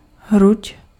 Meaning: chest (part of the body)
- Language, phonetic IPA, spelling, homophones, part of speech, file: Czech, [ˈɦruc], hruď, hruť, noun, Cs-hruď.ogg